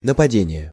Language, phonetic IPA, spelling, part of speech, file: Russian, [nəpɐˈdʲenʲɪje], нападение, noun, Ru-нападение.ogg
- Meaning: 1. attack, assault 2. aggression 3. forward, offense